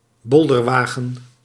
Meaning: 1. a toy handcart pulled by means of a T-frame 2. a roofed or covered wagon or coach without suspension
- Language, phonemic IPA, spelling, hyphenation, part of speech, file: Dutch, /ˈbɔl.dərˌʋaː.ɣə(n)/, bolderwagen, bol‧der‧wa‧gen, noun, Nl-bolderwagen.ogg